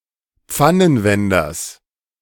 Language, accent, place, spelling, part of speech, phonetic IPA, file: German, Germany, Berlin, Pfannenwenders, noun, [ˈp͡fanənˌvɛndɐs], De-Pfannenwenders.ogg
- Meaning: genitive singular of Pfannenwender